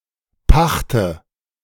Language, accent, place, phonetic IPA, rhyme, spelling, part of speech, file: German, Germany, Berlin, [ˈpaxtə], -axtə, pachte, verb, De-pachte.ogg
- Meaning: inflection of pachten: 1. first-person singular present 2. first/third-person singular subjunctive I 3. singular imperative